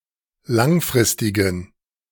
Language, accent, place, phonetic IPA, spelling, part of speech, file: German, Germany, Berlin, [ˈlaŋˌfʁɪstɪɡn̩], langfristigen, adjective, De-langfristigen.ogg
- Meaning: inflection of langfristig: 1. strong genitive masculine/neuter singular 2. weak/mixed genitive/dative all-gender singular 3. strong/weak/mixed accusative masculine singular 4. strong dative plural